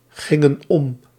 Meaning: inflection of omgaan: 1. plural past indicative 2. plural past subjunctive
- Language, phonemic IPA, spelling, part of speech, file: Dutch, /ˈɣɪŋə(n) ˈɔm/, gingen om, verb, Nl-gingen om.ogg